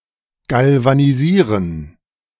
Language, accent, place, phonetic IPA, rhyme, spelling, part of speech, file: German, Germany, Berlin, [ˌɡalvaniˈziːʁən], -iːʁən, galvanisieren, verb, De-galvanisieren.ogg
- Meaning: to galvanize; to coat with a thin layer of metal by electrochemical means; to electroplate